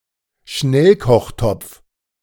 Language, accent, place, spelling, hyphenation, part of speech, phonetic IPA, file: German, Germany, Berlin, Schnellkochtopf, Schnell‧koch‧topf, noun, [ˈʃnɛlkɔχˌtɔpf], De-Schnellkochtopf.ogg
- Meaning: pressure cooker